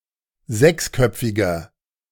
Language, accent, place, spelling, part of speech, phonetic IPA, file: German, Germany, Berlin, sechsköpfiger, adjective, [ˈzɛksˌkœp͡fɪɡɐ], De-sechsköpfiger.ogg
- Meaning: inflection of sechsköpfig: 1. strong/mixed nominative masculine singular 2. strong genitive/dative feminine singular 3. strong genitive plural